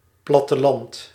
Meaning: country, countryside
- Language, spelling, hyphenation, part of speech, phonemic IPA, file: Dutch, platteland, plat‧te‧land, noun, /ˌplɑ.təˈlɑnt/, Nl-platteland.ogg